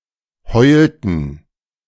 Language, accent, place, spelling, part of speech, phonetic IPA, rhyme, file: German, Germany, Berlin, heulten, verb, [ˈhɔɪ̯ltn̩], -ɔɪ̯ltn̩, De-heulten.ogg
- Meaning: inflection of heulen: 1. first/third-person plural preterite 2. first/third-person plural subjunctive II